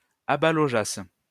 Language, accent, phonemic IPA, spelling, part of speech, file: French, France, /a.ba.lɔ.ʒas/, abalogeasses, verb, LL-Q150 (fra)-abalogeasses.wav
- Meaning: second-person singular imperfect subjunctive of abaloger